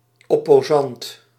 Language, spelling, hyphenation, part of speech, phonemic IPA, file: Dutch, opposant, op‧po‧sant, noun, /ˌɔ.poːˈzɑnt/, Nl-opposant.ogg
- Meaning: opponent